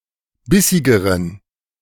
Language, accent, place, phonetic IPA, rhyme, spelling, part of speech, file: German, Germany, Berlin, [ˈbɪsɪɡəʁən], -ɪsɪɡəʁən, bissigeren, adjective, De-bissigeren.ogg
- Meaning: inflection of bissig: 1. strong genitive masculine/neuter singular comparative degree 2. weak/mixed genitive/dative all-gender singular comparative degree